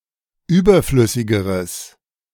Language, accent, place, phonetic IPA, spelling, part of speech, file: German, Germany, Berlin, [ˈyːbɐˌflʏsɪɡəʁəs], überflüssigeres, adjective, De-überflüssigeres.ogg
- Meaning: strong/mixed nominative/accusative neuter singular comparative degree of überflüssig